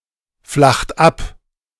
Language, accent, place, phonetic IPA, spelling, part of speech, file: German, Germany, Berlin, [ˌflaxt ˈap], flacht ab, verb, De-flacht ab.ogg
- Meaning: inflection of abflachen: 1. third-person singular present 2. second-person plural present 3. plural imperative